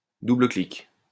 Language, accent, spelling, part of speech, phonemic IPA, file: French, France, double-clic, noun, /du.blə.klik/, LL-Q150 (fra)-double-clic.wav
- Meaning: double-click